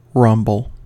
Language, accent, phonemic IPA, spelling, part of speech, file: English, US, /ˈɹʌmb(ə)l/, rumble, noun / verb / interjection, En-us-rumble.ogg
- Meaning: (noun) 1. A low, heavy, continuous sound, such as that of thunder or a hungry stomach 2. A street fight or brawl